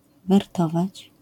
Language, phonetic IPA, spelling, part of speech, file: Polish, [vɛrˈtɔvat͡ɕ], wertować, verb, LL-Q809 (pol)-wertować.wav